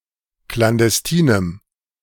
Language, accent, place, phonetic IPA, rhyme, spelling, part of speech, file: German, Germany, Berlin, [klandɛsˈtiːnəm], -iːnəm, klandestinem, adjective, De-klandestinem.ogg
- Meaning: strong dative masculine/neuter singular of klandestin